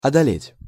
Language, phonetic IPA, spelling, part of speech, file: Russian, [ɐdɐˈlʲetʲ], одолеть, verb, Ru-одолеть.ogg
- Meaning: 1. to overcome, to overpower, to conquer 2. to seize, to overcome 3. to cope, to manage